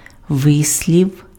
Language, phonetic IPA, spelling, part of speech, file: Ukrainian, [ˈʋɪsʲlʲiu̯], вислів, noun, Uk-вислів.ogg
- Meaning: expression (colloquialism or idiom)